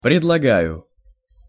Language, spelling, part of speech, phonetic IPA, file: Russian, предлагаю, verb, [prʲɪdɫɐˈɡajʊ], Ru-предлагаю.ogg
- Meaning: first-person singular present indicative imperfective of предлага́ть (predlagátʹ)